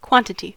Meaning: A fundamental, generic term used when referring to the measurement (count, amount) of a scalar, vector, number of items or to some other way of denominating the value of a collection or group of items
- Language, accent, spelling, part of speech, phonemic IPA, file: English, US, quantity, noun, /ˈkwɑn(t)ɪti/, En-us-quantity2.ogg